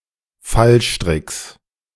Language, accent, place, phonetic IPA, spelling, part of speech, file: German, Germany, Berlin, [ˈfalˌʃtʁɪks], Fallstricks, noun, De-Fallstricks.ogg
- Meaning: genitive singular of Fallstrick